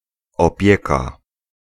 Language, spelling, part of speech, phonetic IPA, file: Polish, opieka, noun / verb, [ɔˈpʲjɛka], Pl-opieka.ogg